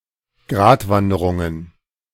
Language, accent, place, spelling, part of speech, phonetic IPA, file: German, Germany, Berlin, Gratwanderungen, noun, [ˈɡʁaːtˌvandəʁʊŋən], De-Gratwanderungen.ogg
- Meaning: plural of Gratwanderung